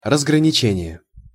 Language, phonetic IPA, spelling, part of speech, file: Russian, [rəzɡrənʲɪˈt͡ɕenʲɪje], разграничение, noun, Ru-разграничение.ogg
- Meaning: 1. delimitation, demarcation 2. differentiation, discrimination